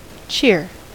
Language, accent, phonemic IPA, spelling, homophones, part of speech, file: English, US, /t͡ʃɪɹ/, cheer, chair, noun / verb, En-us-cheer.ogg
- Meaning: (noun) 1. A cheerful attitude; happiness; a good, happy, or positive mood 2. That which promotes good spirits or cheerfulness, especially food and entertainment prepared for a festive occasion